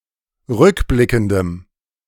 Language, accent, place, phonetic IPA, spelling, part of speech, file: German, Germany, Berlin, [ˈʁʏkˌblɪkn̩dəm], rückblickendem, adjective, De-rückblickendem.ogg
- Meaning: strong dative masculine/neuter singular of rückblickend